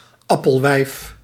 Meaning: an apple saleswoman, notorious for shouting
- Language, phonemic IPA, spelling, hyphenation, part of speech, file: Dutch, /ˈɑ.pəlˌʋɛi̯f/, appelwijf, ap‧pel‧wijf, noun, Nl-appelwijf.ogg